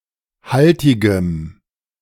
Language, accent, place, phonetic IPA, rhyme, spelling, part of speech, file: German, Germany, Berlin, [ˈhaltɪɡəm], -altɪɡəm, haltigem, adjective, De-haltigem.ogg
- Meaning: strong dative masculine/neuter singular of haltig